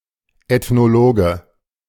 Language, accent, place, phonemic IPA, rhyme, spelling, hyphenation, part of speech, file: German, Germany, Berlin, /ɛtnoˈloːɡə/, -oːɡə, Ethnologe, Eth‧no‧lo‧ge, noun, De-Ethnologe.ogg
- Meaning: ethnologist (male or of unspecified gender)